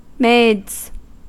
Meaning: plural of maid
- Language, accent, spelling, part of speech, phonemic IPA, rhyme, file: English, General American, maids, noun, /meɪdz/, -eɪdz, En-us-maids.ogg